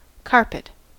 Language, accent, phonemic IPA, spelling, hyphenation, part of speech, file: English, US, /ˈkɑɹ.pət/, carpet, car‧pet, noun / verb, En-us-carpet.ogg
- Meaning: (noun) 1. A fabric used as a complete floor covering 2. Any surface or cover resembling a carpet or fulfilling its function 3. Any of a number of moths in the geometrid subfamily Larentiinae